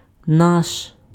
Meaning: 1. our, ours 2. ethnically Ukrainian
- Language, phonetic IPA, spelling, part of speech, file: Ukrainian, [naʃ], наш, pronoun, Uk-наш.ogg